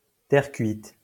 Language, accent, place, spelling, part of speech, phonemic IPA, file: French, France, Lyon, terre cuite, noun, /tɛʁ kɥit/, LL-Q150 (fra)-terre cuite.wav
- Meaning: terracotta, terra cotta